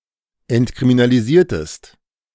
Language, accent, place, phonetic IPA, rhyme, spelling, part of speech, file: German, Germany, Berlin, [ɛntkʁiminaliˈziːɐ̯təst], -iːɐ̯təst, entkriminalisiertest, verb, De-entkriminalisiertest.ogg
- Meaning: inflection of entkriminalisieren: 1. second-person singular preterite 2. second-person singular subjunctive II